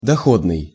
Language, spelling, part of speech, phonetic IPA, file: Russian, доходный, adjective, [dɐˈxodnɨj], Ru-доходный.ogg
- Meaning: profitable, paying, lucrative, remunerative